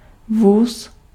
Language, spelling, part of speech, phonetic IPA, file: Czech, vůz, noun, [ˈvuːs], Cs-vůz.ogg
- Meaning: 1. cart 2. car, automobile 3. car (railroad car; railway carriage) 4. carriage (on rails)